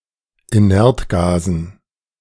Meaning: dative plural of Inertgas
- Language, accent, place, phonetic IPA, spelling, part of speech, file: German, Germany, Berlin, [iˈnɛʁtˌɡaːzn̩], Inertgasen, noun, De-Inertgasen.ogg